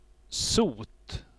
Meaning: 1. soot 2. disease, sickness
- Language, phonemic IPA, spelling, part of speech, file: Swedish, /suːt/, sot, noun, Sv-sot.ogg